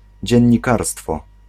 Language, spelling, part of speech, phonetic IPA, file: Polish, dziennikarstwo, noun, [ˌd͡ʑɛ̇̃ɲːiˈkarstfɔ], Pl-dziennikarstwo.ogg